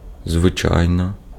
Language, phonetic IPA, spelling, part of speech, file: Ukrainian, [zʋeˈt͡ʃai̯nɔ], звичайно, adverb / interjection, Uk-звичайно.ogg
- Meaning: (adverb) 1. usually, ordinarily, commonly, customarily 2. as a rule, generally; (interjection) of course, certainly